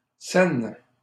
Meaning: cent (one-hundredth of a dollar)
- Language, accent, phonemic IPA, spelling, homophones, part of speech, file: French, Canada, /sɛn/, cenne, Seine, noun, LL-Q150 (fra)-cenne.wav